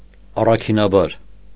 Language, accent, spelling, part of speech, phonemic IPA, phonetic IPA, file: Armenian, Eastern Armenian, առաքինաբար, adverb, /ɑrɑkʰinɑˈbɑɾ/, [ɑrɑkʰinɑbɑ́ɾ], Hy-առաքինաբար.ogg
- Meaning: virtuously